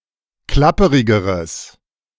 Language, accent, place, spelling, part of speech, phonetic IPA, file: German, Germany, Berlin, klapperigeres, adjective, [ˈklapəʁɪɡəʁəs], De-klapperigeres.ogg
- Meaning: strong/mixed nominative/accusative neuter singular comparative degree of klapperig